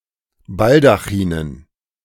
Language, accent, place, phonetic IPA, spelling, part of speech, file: German, Germany, Berlin, [ˈbaldaxiːnən], Baldachinen, noun, De-Baldachinen.ogg
- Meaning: dative plural of Baldachin